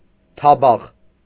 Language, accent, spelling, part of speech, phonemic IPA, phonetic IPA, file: Armenian, Eastern Armenian, թաբախ, noun, /tʰɑˈbɑχ/, [tʰɑbɑ́χ], Hy-թաբախ.ogg
- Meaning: plate, dish (for food or for collecting alms)